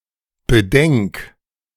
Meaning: 1. singular imperative of bedenken 2. first-person singular present of bedenken
- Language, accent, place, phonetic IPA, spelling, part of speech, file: German, Germany, Berlin, [bəˈdɛŋk], bedenk, verb, De-bedenk.ogg